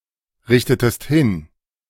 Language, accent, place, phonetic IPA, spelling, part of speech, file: German, Germany, Berlin, [ˌʁɪçtətəst ˈhɪn], richtetest hin, verb, De-richtetest hin.ogg
- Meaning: inflection of hinrichten: 1. second-person singular preterite 2. second-person singular subjunctive II